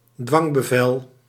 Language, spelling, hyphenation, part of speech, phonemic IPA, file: Dutch, dwangbevel, dwang‧be‧vel, noun, /ˈdʋɑŋ.bəˌvɛl/, Nl-dwangbevel.ogg
- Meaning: 1. warrant 2. distress-warrant